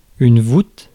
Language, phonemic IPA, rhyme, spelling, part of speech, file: French, /vut/, -ut, voûte, noun, Fr-voûte.ogg
- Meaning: 1. arch 2. vault